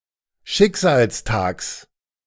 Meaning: genitive singular of Schicksalstag
- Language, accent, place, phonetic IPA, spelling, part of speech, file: German, Germany, Berlin, [ˈʃɪkzaːlsˌtaːks], Schicksalstags, noun, De-Schicksalstags.ogg